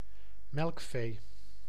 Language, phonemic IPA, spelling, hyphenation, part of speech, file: Dutch, /ˈmɛlᵊkˌfe/, melkvee, melk‧vee, noun, Nl-melkvee.ogg
- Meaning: milch cow, cattle kept for milk production